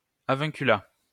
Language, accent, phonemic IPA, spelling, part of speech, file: French, France, /a.vɔ̃.ky.la/, avunculat, noun, LL-Q150 (fra)-avunculat.wav
- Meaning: avunculate: society where the maternal uncle is more important than the father